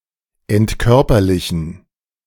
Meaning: to disembody
- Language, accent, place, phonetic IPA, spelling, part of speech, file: German, Germany, Berlin, [ɛntˈkœʁpɐlɪçn̩], entkörperlichen, verb, De-entkörperlichen.ogg